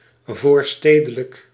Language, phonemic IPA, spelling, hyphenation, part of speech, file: Dutch, /ˈvoːrˌsteː.də.lək/, voorstedelijk, voor‧ste‧de‧lijk, adjective, Nl-voorstedelijk.ogg
- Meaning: suburban